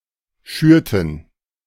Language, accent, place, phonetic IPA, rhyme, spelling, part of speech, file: German, Germany, Berlin, [ˈʃyːɐ̯tn̩], -yːɐ̯tn̩, schürten, verb, De-schürten.ogg
- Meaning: inflection of schüren: 1. first/third-person plural preterite 2. first/third-person plural subjunctive II